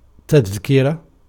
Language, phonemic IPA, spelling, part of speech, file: Arabic, /tað.ki.ra/, تذكرة, noun, Ar-تذكرة.ogg
- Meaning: 1. verbal noun of ذَكَّرَ (ḏakkara) (form II) 2. memorandum, admonition 3. collection, precepts, summa 4. ticket